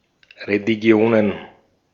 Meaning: plural of Religion
- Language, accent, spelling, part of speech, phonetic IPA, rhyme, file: German, Austria, Religionen, noun, [ʁeliˈɡi̯oːnən], -oːnən, De-at-Religionen.ogg